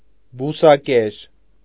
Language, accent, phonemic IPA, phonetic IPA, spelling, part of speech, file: Armenian, Eastern Armenian, /busɑˈkeɾ/, [busɑkéɾ], բուսակեր, adjective / noun, Hy-բուսակեր.ogg
- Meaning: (adjective) herbivorous; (noun) vegetarian